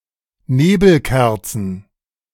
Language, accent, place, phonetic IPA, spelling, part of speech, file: German, Germany, Berlin, [ˈneːbl̩ˌkɛʁt͡sn̩], Nebelkerzen, noun, De-Nebelkerzen.ogg
- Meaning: plural of Nebelkerze